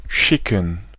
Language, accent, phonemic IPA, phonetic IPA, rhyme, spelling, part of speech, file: German, Germany, /ˈʃɪkən/, [ˈʃɪkŋ̩], -ɪkŋ̩, schicken, verb / adjective, De-schicken.ogg
- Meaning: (verb) 1. to send, to dispatch (a person, letter, money etc. to a destination or a person) 2. to hurry 3. to be befitting, to be appropriate 4. to chew tobacco